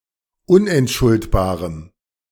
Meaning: strong dative masculine/neuter singular of unentschuldbar
- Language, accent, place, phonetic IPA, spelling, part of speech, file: German, Germany, Berlin, [ˈʊnʔɛntˌʃʊltbaːʁəm], unentschuldbarem, adjective, De-unentschuldbarem.ogg